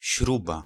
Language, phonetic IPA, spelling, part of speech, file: Polish, [ˈɕruba], śruba, noun, Pl-śruba.ogg